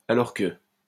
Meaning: 1. while, whereas, though; expresses a sense of opposition between simultaneous events 2. when, while
- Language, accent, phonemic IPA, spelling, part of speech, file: French, France, /a.lɔʁ kə/, alors que, conjunction, LL-Q150 (fra)-alors que.wav